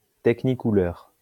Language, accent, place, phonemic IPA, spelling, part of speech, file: French, France, Lyon, /tɛk.ni.ku.lœʁ/, technicouleur, noun, LL-Q150 (fra)-technicouleur.wav
- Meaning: technicolor